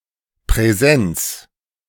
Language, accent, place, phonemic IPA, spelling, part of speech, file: German, Germany, Berlin, /pʁɛˈzɛnt͡s/, Präsenz, noun, De-Präsenz.ogg
- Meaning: 1. presence, attendance (being present at a specific location or function) 2. presence, attendance (being present at a specific location or function): in-person